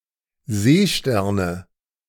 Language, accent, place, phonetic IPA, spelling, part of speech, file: German, Germany, Berlin, [ˈzeːˌʃtɛʁnə], Seesterne, noun, De-Seesterne.ogg
- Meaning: nominative/accusative/genitive plural of Seestern